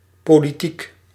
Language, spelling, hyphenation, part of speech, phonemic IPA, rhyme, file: Dutch, politiek, po‧li‧tiek, noun / adjective, /poːliˈtik/, -ik, Nl-politiek.ogg
- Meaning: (noun) politics; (adjective) political